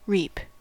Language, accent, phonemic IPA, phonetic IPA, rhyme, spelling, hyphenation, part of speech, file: English, General American, /ˈɹiːp/, [ˈɹɪi̯p], -iːp, reap, reap, verb / noun, En-us-reap.ogg
- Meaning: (verb) 1. To cut (for example a grain) with a sickle, scythe, or reaping machine 2. To gather (e.g. a harvest) by cutting 3. To obtain or receive as a reward, in a good or a bad sense